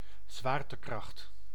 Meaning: force of gravity: gravitation
- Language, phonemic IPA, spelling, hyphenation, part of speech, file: Dutch, /ˈzʋaːr.təˌkrɑxt/, zwaartekracht, zwaar‧te‧kracht, noun, Nl-zwaartekracht.ogg